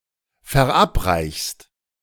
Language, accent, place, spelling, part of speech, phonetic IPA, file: German, Germany, Berlin, verabreichst, verb, [fɛɐ̯ˈʔapˌʁaɪ̯çst], De-verabreichst.ogg
- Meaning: second-person singular present of verabreichen